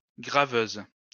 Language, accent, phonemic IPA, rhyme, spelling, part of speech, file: French, France, /ɡʁa.vøz/, -øz, graveuse, noun, LL-Q150 (fra)-graveuse.wav
- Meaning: female equivalent of graveur